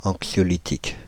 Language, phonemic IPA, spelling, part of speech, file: French, /ɑ̃k.sjɔ.li.tik/, anxiolytique, adjective / noun, Fr-anxiolytique.ogg
- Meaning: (adjective) anxiolytic